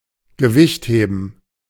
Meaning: weightlifting
- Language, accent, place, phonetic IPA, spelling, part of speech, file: German, Germany, Berlin, [ɡəˈvɪçtˌheːbn̩], Gewichtheben, noun, De-Gewichtheben.ogg